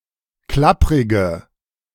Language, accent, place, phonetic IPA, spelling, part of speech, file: German, Germany, Berlin, [ˈklapʁɪɡə], klapprige, adjective, De-klapprige.ogg
- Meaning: inflection of klapprig: 1. strong/mixed nominative/accusative feminine singular 2. strong nominative/accusative plural 3. weak nominative all-gender singular